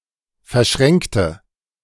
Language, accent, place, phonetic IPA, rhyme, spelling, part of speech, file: German, Germany, Berlin, [fɛɐ̯ˈʃʁɛŋktə], -ɛŋktə, verschränkte, adjective / verb, De-verschränkte.ogg
- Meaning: inflection of verschränken: 1. first/third-person singular preterite 2. first/third-person singular subjunctive II